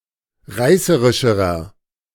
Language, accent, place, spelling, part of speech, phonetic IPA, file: German, Germany, Berlin, reißerischerer, adjective, [ˈʁaɪ̯səʁɪʃəʁɐ], De-reißerischerer.ogg
- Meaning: inflection of reißerisch: 1. strong/mixed nominative masculine singular comparative degree 2. strong genitive/dative feminine singular comparative degree 3. strong genitive plural comparative degree